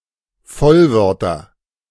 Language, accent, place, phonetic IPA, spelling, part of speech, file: German, Germany, Berlin, [ˈfɔlˌvœʁtɐ], Vollwörter, noun, De-Vollwörter.ogg
- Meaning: nominative/accusative/genitive plural of Vollwort